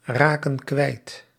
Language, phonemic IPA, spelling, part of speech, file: Dutch, /ˈrakə(n) ˈkwɛit/, raken kwijt, verb, Nl-raken kwijt.ogg
- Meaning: inflection of kwijtraken: 1. plural present indicative 2. plural present subjunctive